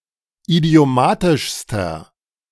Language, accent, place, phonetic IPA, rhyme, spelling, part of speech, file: German, Germany, Berlin, [idi̯oˈmaːtɪʃstɐ], -aːtɪʃstɐ, idiomatischster, adjective, De-idiomatischster.ogg
- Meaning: inflection of idiomatisch: 1. strong/mixed nominative masculine singular superlative degree 2. strong genitive/dative feminine singular superlative degree 3. strong genitive plural superlative degree